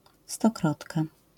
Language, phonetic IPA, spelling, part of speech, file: Polish, [stɔˈkrɔtka], stokrotka, noun, LL-Q809 (pol)-stokrotka.wav